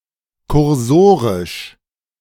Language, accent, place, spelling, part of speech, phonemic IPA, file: German, Germany, Berlin, kursorisch, adjective, /kʊʁˈzoːʁɪʃ/, De-kursorisch.ogg
- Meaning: cursory